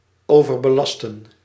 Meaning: 1. to overburden, to weigh down 2. to overtax
- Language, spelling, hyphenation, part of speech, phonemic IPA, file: Dutch, overbelasten, over‧be‧las‧ten, verb, /ˌoː.vər.bəˌlɑs.tə(n)/, Nl-overbelasten.ogg